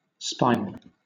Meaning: 1. Espionage 2. A spy
- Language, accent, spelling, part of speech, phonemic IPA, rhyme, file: English, Southern England, spial, noun, /ˈspaɪəl/, -aɪəl, LL-Q1860 (eng)-spial.wav